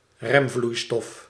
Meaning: brake fluid
- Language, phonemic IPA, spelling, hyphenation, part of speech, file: Dutch, /ˈrɛmˌvlui̯.stɔf/, remvloeistof, rem‧vloei‧stof, noun, Nl-remvloeistof.ogg